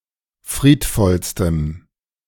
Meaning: strong dative masculine/neuter singular superlative degree of friedvoll
- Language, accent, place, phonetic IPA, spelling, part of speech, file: German, Germany, Berlin, [ˈfʁiːtˌfɔlstəm], friedvollstem, adjective, De-friedvollstem.ogg